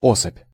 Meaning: individual (of an organism), specimen
- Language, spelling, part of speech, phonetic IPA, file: Russian, особь, noun, [ˈosəpʲ], Ru-особь.ogg